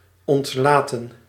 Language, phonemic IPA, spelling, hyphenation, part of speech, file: Dutch, /ˌɔntˈlaːtə(n)/, ontlaten, ont‧la‧ten, verb, Nl-ontlaten.ogg
- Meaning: 1. to let go off, to release 2. to anneal, to soften 3. to say unintentionally